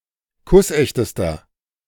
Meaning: inflection of kussecht: 1. strong/mixed nominative masculine singular superlative degree 2. strong genitive/dative feminine singular superlative degree 3. strong genitive plural superlative degree
- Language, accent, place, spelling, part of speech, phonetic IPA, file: German, Germany, Berlin, kussechtester, adjective, [ˈkʊsˌʔɛçtəstɐ], De-kussechtester.ogg